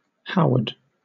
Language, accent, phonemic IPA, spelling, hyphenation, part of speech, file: English, Southern England, /ˈhaʊəd/, Howard, How‧ard, proper noun, LL-Q1860 (eng)-Howard.wav
- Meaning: 1. A surname originating as a patronymic 2. A male given name from the Germanic languages, transferred back from the surname. Short form: Howie